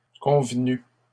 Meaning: masculine plural of convenu
- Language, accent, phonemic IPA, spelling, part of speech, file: French, Canada, /kɔ̃v.ny/, convenus, verb, LL-Q150 (fra)-convenus.wav